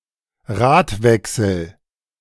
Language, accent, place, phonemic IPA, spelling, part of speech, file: German, Germany, Berlin, /ˈʁaːtˌvɛksl̩/, Radwechsel, noun, De-Radwechsel.ogg
- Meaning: wheel change